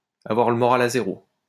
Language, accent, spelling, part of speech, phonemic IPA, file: French, France, avoir le moral à zéro, verb, /a.vwaʁ lə mɔ.ʁal a ze.ʁo/, LL-Q150 (fra)-avoir le moral à zéro.wav
- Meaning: to be really down, to be feeling very low, to be down in the dumps, to be in low spirits